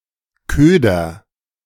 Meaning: bait
- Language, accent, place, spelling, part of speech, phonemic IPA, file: German, Germany, Berlin, Köder, noun, /ˈkøːdɐ/, De-Köder.ogg